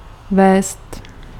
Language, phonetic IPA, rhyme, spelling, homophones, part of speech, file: Czech, [ˈvɛːst], -ɛːst, vézt, vést, verb, Cs-vézt.ogg
- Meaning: to carry (on a vehicle)